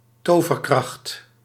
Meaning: magic power
- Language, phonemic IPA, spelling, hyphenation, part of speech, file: Dutch, /ˈtoː.vərˌkrɑxt/, toverkracht, to‧ver‧kracht, noun, Nl-toverkracht.ogg